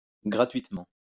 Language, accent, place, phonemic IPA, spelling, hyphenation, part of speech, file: French, France, Lyon, /ɡʁa.tɥit.mɑ̃/, gratuitement, gra‧tuite‧ment, adverb, LL-Q150 (fra)-gratuitement.wav
- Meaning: 1. freely, for free 2. without cause, gratuitously